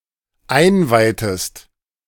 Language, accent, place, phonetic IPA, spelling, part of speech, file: German, Germany, Berlin, [ˈaɪ̯nˌvaɪ̯təst], einweihtest, verb, De-einweihtest.ogg
- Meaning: inflection of einweihen: 1. second-person singular dependent preterite 2. second-person singular dependent subjunctive II